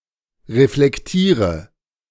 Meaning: inflection of reflektieren: 1. first-person singular present 2. first/third-person singular subjunctive I 3. singular imperative
- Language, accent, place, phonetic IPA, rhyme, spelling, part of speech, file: German, Germany, Berlin, [ʁeflɛkˈtiːʁə], -iːʁə, reflektiere, verb, De-reflektiere.ogg